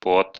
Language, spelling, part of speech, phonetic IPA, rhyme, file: Russian, пот, noun, [pot], -ot, Ru-пот.ogg
- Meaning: sweat, perspiration